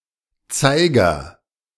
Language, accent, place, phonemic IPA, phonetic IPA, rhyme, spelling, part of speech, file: German, Germany, Berlin, /ˈtsaɪ̯ɡəʁ/, [ˈt͡saɪ̯.ɡɐ], -aɪ̯ɡɐ, Zeiger, noun / proper noun, De-Zeiger.ogg
- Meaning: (noun) 1. hand (of a clock or watch) 2. pointer (similar device on other objects, typically in the form of a needle or arrow) 3. pointer (variable holding the address of a memory location)